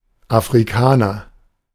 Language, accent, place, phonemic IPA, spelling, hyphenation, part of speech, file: German, Germany, Berlin, /ʔafʁiˈkaːnɐ/, Afrikaner, Afri‧ka‧ner, noun, De-Afrikaner.ogg
- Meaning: African (person)